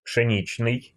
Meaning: wheat, wheaten
- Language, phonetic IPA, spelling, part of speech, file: Russian, [pʂɨˈnʲit͡ɕnɨj], пшеничный, adjective, Ru-пшеничный.ogg